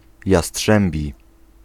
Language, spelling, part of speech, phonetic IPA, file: Polish, jastrzębi, adjective / noun, [jaˈsṭʃɛ̃mbʲi], Pl-jastrzębi.ogg